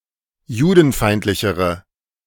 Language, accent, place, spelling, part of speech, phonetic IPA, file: German, Germany, Berlin, judenfeindlichere, adjective, [ˈjuːdn̩ˌfaɪ̯ntlɪçəʁə], De-judenfeindlichere.ogg
- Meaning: inflection of judenfeindlich: 1. strong/mixed nominative/accusative feminine singular comparative degree 2. strong nominative/accusative plural comparative degree